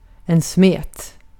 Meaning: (noun) 1. a batter; a thin, mostly liquid mixture of flour, some liquid (such as water or milk), and possibly other ingredients, which is either fried or baked 2. goo; a sticky substance
- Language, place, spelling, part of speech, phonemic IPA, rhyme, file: Swedish, Gotland, smet, noun / verb, /smeːt/, -eːt, Sv-smet.ogg